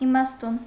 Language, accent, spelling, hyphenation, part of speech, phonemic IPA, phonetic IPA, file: Armenian, Eastern Armenian, իմաստուն, ի‧մաս‧տուն, adjective / noun / adverb, /imɑsˈtun/, [imɑstún], Hy-իմաստուն.ogg
- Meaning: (adjective) wise; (noun) wise man, sage; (adverb) wisely